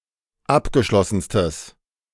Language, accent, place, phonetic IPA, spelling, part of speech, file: German, Germany, Berlin, [ˈapɡəˌʃlɔsn̩stəs], abgeschlossenstes, adjective, De-abgeschlossenstes.ogg
- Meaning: strong/mixed nominative/accusative neuter singular superlative degree of abgeschlossen